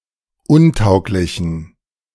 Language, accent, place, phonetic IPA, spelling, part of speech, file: German, Germany, Berlin, [ˈʊnˌtaʊ̯klɪçn̩], untauglichen, adjective, De-untauglichen.ogg
- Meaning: inflection of untauglich: 1. strong genitive masculine/neuter singular 2. weak/mixed genitive/dative all-gender singular 3. strong/weak/mixed accusative masculine singular 4. strong dative plural